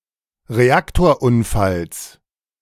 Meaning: genitive singular of Reaktorunfall
- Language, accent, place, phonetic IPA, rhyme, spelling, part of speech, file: German, Germany, Berlin, [ʁeˈaktoːɐ̯ˌʔʊnfals], -aktoːɐ̯ʔʊnfals, Reaktorunfalls, noun, De-Reaktorunfalls.ogg